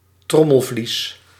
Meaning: eardrum
- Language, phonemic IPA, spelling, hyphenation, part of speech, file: Dutch, /ˈtrɔ.məlˌvlis/, trommelvlies, trom‧mel‧vlies, noun, Nl-trommelvlies.ogg